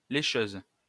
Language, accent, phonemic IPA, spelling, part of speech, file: French, France, /le.ʃøz/, lécheuse, noun, LL-Q150 (fra)-lécheuse.wav
- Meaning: female equivalent of lécheur